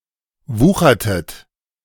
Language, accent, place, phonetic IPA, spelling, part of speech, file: German, Germany, Berlin, [ˈvuːxɐtət], wuchertet, verb, De-wuchertet.ogg
- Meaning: inflection of wuchern: 1. second-person plural preterite 2. second-person plural subjunctive II